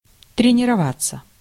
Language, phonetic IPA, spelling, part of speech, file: Russian, [trʲɪnʲɪrɐˈvat͡sːə], тренироваться, verb, Ru-тренироваться.ogg
- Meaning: 1. to train 2. passive of тренирова́ть (trenirovátʹ)